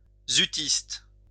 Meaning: member of a group of nineteenth-century French poets
- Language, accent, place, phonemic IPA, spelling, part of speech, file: French, France, Lyon, /zy.tist/, zutiste, noun, LL-Q150 (fra)-zutiste.wav